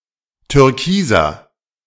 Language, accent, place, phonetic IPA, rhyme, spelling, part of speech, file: German, Germany, Berlin, [tʏʁˈkiːzɐ], -iːzɐ, türkiser, adjective, De-türkiser.ogg
- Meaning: 1. comparative degree of türkis 2. inflection of türkis: strong/mixed nominative masculine singular 3. inflection of türkis: strong genitive/dative feminine singular